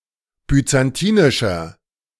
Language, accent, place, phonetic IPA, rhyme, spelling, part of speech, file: German, Germany, Berlin, [byt͡sanˈtiːnɪʃɐ], -iːnɪʃɐ, byzantinischer, adjective, De-byzantinischer.ogg
- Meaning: inflection of byzantinisch: 1. strong/mixed nominative masculine singular 2. strong genitive/dative feminine singular 3. strong genitive plural